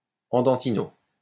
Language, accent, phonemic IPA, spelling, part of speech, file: French, France, /ɑ̃.dɑ̃.ti.no/, andantino, adverb, LL-Q150 (fra)-andantino.wav
- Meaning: andantino